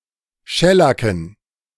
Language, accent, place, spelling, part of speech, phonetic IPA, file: German, Germany, Berlin, Schellacken, noun, [ˈʃɛlakn̩], De-Schellacken.ogg
- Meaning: dative plural of Schellack